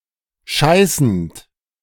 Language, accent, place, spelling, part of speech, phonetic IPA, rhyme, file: German, Germany, Berlin, scheißend, verb, [ˈʃaɪ̯sn̩t], -aɪ̯sn̩t, De-scheißend.ogg
- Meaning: present participle of scheißen